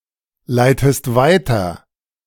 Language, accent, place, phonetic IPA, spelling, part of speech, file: German, Germany, Berlin, [ˌlaɪ̯təst ˈvaɪ̯tɐ], leitest weiter, verb, De-leitest weiter.ogg
- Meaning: inflection of weiterleiten: 1. second-person singular present 2. second-person singular subjunctive I